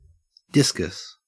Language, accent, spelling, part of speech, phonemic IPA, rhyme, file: English, Australia, discus, noun, /ˈdɪs.kəs/, -ɪskəs, En-au-discus.ogg
- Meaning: 1. A round plate-like object that is thrown for sport 2. The athletics event of discus throw 3. A discus fish (genus Symphysodon) 4. A chakram